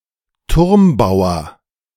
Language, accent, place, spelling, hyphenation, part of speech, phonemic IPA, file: German, Germany, Berlin, Turmbauer, Turm‧bau‧er, noun, /ˈtʊʁmˌbaʊ̯ɐ/, De-Turmbauer.ogg
- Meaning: rook's pawn